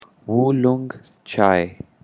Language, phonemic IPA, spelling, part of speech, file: Pashto, /wuˈloŋɡ t͡ʃɑi/, وولونګ چای, noun, WulongChay.ogg
- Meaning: oolong tea